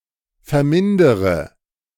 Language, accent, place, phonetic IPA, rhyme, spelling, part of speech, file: German, Germany, Berlin, [fɛɐ̯ˈmɪndəʁə], -ɪndəʁə, vermindere, verb, De-vermindere.ogg
- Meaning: inflection of vermindern: 1. first-person singular present 2. first-person plural subjunctive I 3. third-person singular subjunctive I 4. singular imperative